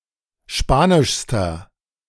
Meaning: inflection of spanisch: 1. strong/mixed nominative masculine singular superlative degree 2. strong genitive/dative feminine singular superlative degree 3. strong genitive plural superlative degree
- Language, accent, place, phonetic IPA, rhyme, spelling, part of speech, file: German, Germany, Berlin, [ˈʃpaːnɪʃstɐ], -aːnɪʃstɐ, spanischster, adjective, De-spanischster.ogg